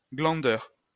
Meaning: layabout
- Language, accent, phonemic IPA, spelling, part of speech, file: French, France, /ɡlɑ̃.dœʁ/, glandeur, noun, LL-Q150 (fra)-glandeur.wav